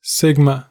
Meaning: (noun) 1. The eighteenth letter of the Classical and Modern Greek alphabets (Σ, σ), the twentieth letter of Old and Ancient 2. The symbol Σ, used to indicate summation of a set or series
- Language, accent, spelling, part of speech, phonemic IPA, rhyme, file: English, US, sigma, noun / adjective, /ˈsɪɡmə/, -ɪɡmə, En-us-sigma.ogg